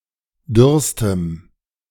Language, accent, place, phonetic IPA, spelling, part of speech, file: German, Germany, Berlin, [ˈdʏʁstəm], dürrstem, adjective, De-dürrstem.ogg
- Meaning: strong dative masculine/neuter singular superlative degree of dürr